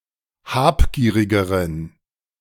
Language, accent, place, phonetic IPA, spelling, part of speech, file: German, Germany, Berlin, [ˈhaːpˌɡiːʁɪɡəʁən], habgierigeren, adjective, De-habgierigeren.ogg
- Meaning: inflection of habgierig: 1. strong genitive masculine/neuter singular comparative degree 2. weak/mixed genitive/dative all-gender singular comparative degree